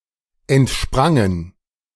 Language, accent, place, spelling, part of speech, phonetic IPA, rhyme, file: German, Germany, Berlin, entsprangen, verb, [ɛntˈʃpʁaŋən], -aŋən, De-entsprangen.ogg
- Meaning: first/third-person plural preterite of entspringen